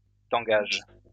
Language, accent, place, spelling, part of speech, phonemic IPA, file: French, France, Lyon, tangage, noun, /tɑ̃.ɡaʒ/, LL-Q150 (fra)-tangage.wav
- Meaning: pitching (and tossing)